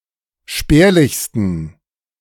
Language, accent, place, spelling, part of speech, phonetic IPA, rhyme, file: German, Germany, Berlin, spärlichsten, adjective, [ˈʃpɛːɐ̯lɪçstn̩], -ɛːɐ̯lɪçstn̩, De-spärlichsten.ogg
- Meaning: 1. superlative degree of spärlich 2. inflection of spärlich: strong genitive masculine/neuter singular superlative degree